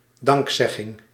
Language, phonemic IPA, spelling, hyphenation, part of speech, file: Dutch, /ˈdɑŋkˌsɛ.ɣɪŋ/, dankzegging, dank‧zeg‧ging, noun, Nl-dankzegging.ogg
- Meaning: thanksgiving, verbal expression of thanks, esp. in a prayer